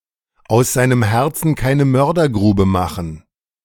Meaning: to speak openly and frankly
- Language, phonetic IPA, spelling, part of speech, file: German, [aʊ̯s ˈzaɪ̯nəm ˈhɛʁt͡sn̩ ˈkaɪ̯nə ˈmœʁdɐˌɡʁuːbə ˈmaxn̩], aus seinem Herzen keine Mördergrube machen, verb, De-aus seinem Herzen keine-Mördergrube machen.ogg